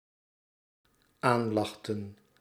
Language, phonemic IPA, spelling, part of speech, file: Dutch, /ˈanlɑxtə(n)/, aanlachten, verb, Nl-aanlachten.ogg
- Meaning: inflection of aanlachen: 1. plural dependent-clause past indicative 2. plural dependent-clause past subjunctive